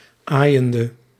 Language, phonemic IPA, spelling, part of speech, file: Dutch, /ˈajəndə/, aaiende, verb, Nl-aaiende.ogg
- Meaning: inflection of aaiend: 1. masculine/feminine singular attributive 2. definite neuter singular attributive 3. plural attributive